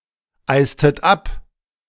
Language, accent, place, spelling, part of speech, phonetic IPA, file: German, Germany, Berlin, eistet ab, verb, [ˌaɪ̯stət ˈap], De-eistet ab.ogg
- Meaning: inflection of abeisen: 1. second-person plural preterite 2. second-person plural subjunctive II